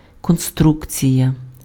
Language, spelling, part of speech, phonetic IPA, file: Ukrainian, конструкція, noun, [konˈstrukt͡sʲijɐ], Uk-конструкція.ogg
- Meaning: construction